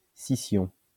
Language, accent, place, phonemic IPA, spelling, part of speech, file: French, France, Lyon, /si.sjɔ̃/, scission, noun, LL-Q150 (fra)-scission.wav
- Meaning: schism